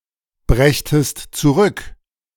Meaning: second-person singular subjunctive II of zurückbringen
- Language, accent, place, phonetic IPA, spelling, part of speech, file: German, Germany, Berlin, [ˌbʁɛçtəst t͡suˈʁʏk], brächtest zurück, verb, De-brächtest zurück.ogg